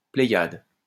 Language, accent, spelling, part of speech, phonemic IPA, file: French, France, pléiade, noun, /ple.jad/, LL-Q150 (fra)-pléiade.wav
- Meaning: host (large group)